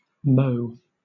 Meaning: 1. A witty remark; a witticism; a bon mot 2. A word or a motto; a device 3. A note or brief strain on a bugle
- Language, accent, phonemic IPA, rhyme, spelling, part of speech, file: English, Southern England, /məʊ/, -əʊ, mot, noun, LL-Q1860 (eng)-mot.wav